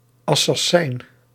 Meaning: alternative letter-case form of assassijn
- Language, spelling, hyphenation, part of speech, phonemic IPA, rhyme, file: Dutch, Assassijn, As‧sas‧sijn, noun, /ɑ.sɑˈsɛi̯n/, -ɛi̯n, Nl-Assassijn.ogg